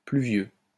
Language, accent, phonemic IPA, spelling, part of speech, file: French, France, /ply.vjø/, pluvieux, adjective, LL-Q150 (fra)-pluvieux.wav
- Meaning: rainy (characterised by rain)